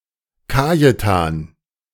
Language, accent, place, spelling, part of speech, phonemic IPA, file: German, Germany, Berlin, Kajetan, proper noun, /ˈkaː.je.taːn/, De-Kajetan.ogg
- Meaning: a male given name from Latin, equivalent to English Cajetan